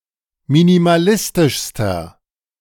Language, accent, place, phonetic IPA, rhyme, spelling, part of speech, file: German, Germany, Berlin, [minimaˈlɪstɪʃstɐ], -ɪstɪʃstɐ, minimalistischster, adjective, De-minimalistischster.ogg
- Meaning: inflection of minimalistisch: 1. strong/mixed nominative masculine singular superlative degree 2. strong genitive/dative feminine singular superlative degree